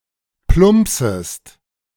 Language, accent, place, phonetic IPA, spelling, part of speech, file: German, Germany, Berlin, [ˈplʊmpsəst], plumpsest, verb, De-plumpsest.ogg
- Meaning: second-person singular subjunctive I of plumpsen